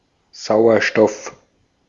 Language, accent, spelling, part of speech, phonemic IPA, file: German, Austria, Sauerstoff, noun, /ˈzaʊ̯ɐʃtɔf/, De-at-Sauerstoff.ogg
- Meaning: oxygen